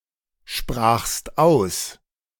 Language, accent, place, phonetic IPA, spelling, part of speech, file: German, Germany, Berlin, [ˌʃpʁaːxst ˈaʊ̯s], sprachst aus, verb, De-sprachst aus.ogg
- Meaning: second-person singular preterite of aussprechen